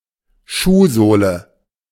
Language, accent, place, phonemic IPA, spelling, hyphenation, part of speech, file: German, Germany, Berlin, /ˈʃuːˌzoːlə/, Schuhsohle, Schuh‧soh‧le, noun, De-Schuhsohle.ogg
- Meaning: sole (of the shoe)